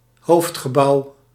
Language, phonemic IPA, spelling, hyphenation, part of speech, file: Dutch, /ˈɦoːft.xəˌbɑu̯/, hoofdgebouw, hoofd‧ge‧bouw, noun, Nl-hoofdgebouw.ogg
- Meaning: main building